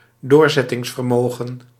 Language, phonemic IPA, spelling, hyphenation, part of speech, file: Dutch, /ˈdoːr.zɛ.tɪŋs.vərˌmoː.ɣə(n)/, doorzettingsvermogen, door‧zet‧tings‧ver‧mo‧gen, noun, Nl-doorzettingsvermogen.ogg
- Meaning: perseverance, determination, tenacity